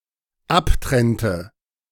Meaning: inflection of abtrennen: 1. first/third-person singular dependent preterite 2. first/third-person singular dependent subjunctive II
- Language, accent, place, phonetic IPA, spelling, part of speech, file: German, Germany, Berlin, [ˈapˌtʁɛntə], abtrennte, verb, De-abtrennte.ogg